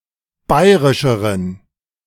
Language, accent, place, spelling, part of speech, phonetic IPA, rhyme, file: German, Germany, Berlin, bayrischeren, adjective, [ˈbaɪ̯ʁɪʃəʁən], -aɪ̯ʁɪʃəʁən, De-bayrischeren.ogg
- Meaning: inflection of bayrisch: 1. strong genitive masculine/neuter singular comparative degree 2. weak/mixed genitive/dative all-gender singular comparative degree